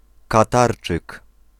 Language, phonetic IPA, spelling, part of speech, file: Polish, [kaˈtart͡ʃɨk], Katarczyk, noun, Pl-Katarczyk.ogg